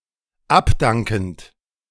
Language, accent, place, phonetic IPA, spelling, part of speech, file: German, Germany, Berlin, [ˈapˌdaŋkn̩t], abdankend, verb, De-abdankend.ogg
- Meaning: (verb) present participle of abdanken; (adjective) abdicating, resigning